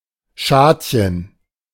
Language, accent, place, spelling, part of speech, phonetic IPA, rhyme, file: German, Germany, Berlin, Schadchen, noun, [ˈʃaːtçən], -aːtçən, De-Schadchen.ogg
- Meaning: shadchen (Jewish marriage broker)